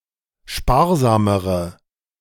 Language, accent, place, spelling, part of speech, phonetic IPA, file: German, Germany, Berlin, sparsamere, adjective, [ˈʃpaːɐ̯ˌzaːməʁə], De-sparsamere.ogg
- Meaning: inflection of sparsam: 1. strong/mixed nominative/accusative feminine singular comparative degree 2. strong nominative/accusative plural comparative degree